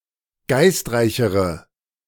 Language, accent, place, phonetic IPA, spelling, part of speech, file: German, Germany, Berlin, [ˈɡaɪ̯stˌʁaɪ̯çəʁə], geistreichere, adjective, De-geistreichere.ogg
- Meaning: inflection of geistreich: 1. strong/mixed nominative/accusative feminine singular comparative degree 2. strong nominative/accusative plural comparative degree